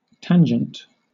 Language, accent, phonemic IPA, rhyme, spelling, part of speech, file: English, Southern England, /ˈtæn.d͡ʒənt/, -ændʒənt, tangent, noun / adjective / verb, LL-Q1860 (eng)-tangent.wav
- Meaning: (noun) A straight line touching a curve at a single point without crossing it there